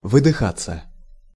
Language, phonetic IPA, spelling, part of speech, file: Russian, [vɨdɨˈxat͡sːə], выдыхаться, verb, Ru-выдыхаться.ogg
- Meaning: to lose smell, to lose fragrance, to become flat